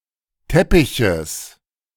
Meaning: genitive of Teppich
- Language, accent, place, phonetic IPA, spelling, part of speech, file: German, Germany, Berlin, [ˈtɛpɪçəs], Teppiches, noun, De-Teppiches.ogg